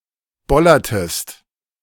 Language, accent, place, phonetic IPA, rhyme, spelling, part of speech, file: German, Germany, Berlin, [ˈbɔlɐtəst], -ɔlɐtəst, bollertest, verb, De-bollertest.ogg
- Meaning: inflection of bollern: 1. second-person singular preterite 2. second-person singular subjunctive II